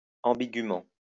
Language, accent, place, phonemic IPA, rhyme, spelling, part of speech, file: French, France, Lyon, /ɑ̃.bi.ɡy.mɑ̃/, -ɑ̃, ambigument, adverb, LL-Q150 (fra)-ambigument.wav
- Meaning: ambiguously